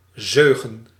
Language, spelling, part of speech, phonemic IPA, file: Dutch, zeugen, noun, /ˈzøːɣə(n)/, Nl-zeugen.ogg
- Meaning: plural of zeug